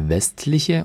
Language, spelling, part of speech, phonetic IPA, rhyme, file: German, westliche, adjective, [ˈvɛstlɪçə], -ɛstlɪçə, De-westliche.ogg
- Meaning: inflection of westlich: 1. strong/mixed nominative/accusative feminine singular 2. strong nominative/accusative plural 3. weak nominative all-gender singular